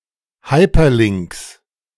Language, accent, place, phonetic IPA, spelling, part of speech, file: German, Germany, Berlin, [ˈhaɪ̯pɐˌlɪŋks], Hyperlinks, noun, De-Hyperlinks.ogg
- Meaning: 1. genitive singular of Hyperlink 2. plural of Hyperlink